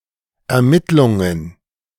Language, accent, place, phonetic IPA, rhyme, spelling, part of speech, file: German, Germany, Berlin, [ɛɐ̯ˈmɪtlʊŋən], -ɪtlʊŋən, Ermittlungen, noun, De-Ermittlungen.ogg
- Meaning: plural of Ermittlung